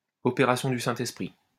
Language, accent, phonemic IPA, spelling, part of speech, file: French, France, /ɔ.pe.ʁa.sjɔ̃ dy sɛ̃.t‿ɛs.pʁi/, opération du Saint-Esprit, noun, LL-Q150 (fra)-opération du Saint-Esprit.wav
- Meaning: divine intervention, miracle